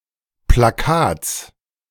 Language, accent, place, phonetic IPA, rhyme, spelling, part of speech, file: German, Germany, Berlin, [plaˈkaːt͡s], -aːt͡s, Plakats, noun, De-Plakats.ogg
- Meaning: genitive singular of Plakat